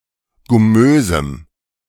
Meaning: strong dative masculine/neuter singular of gummös
- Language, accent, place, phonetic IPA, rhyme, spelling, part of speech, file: German, Germany, Berlin, [ɡʊˈmøːzm̩], -øːzm̩, gummösem, adjective, De-gummösem.ogg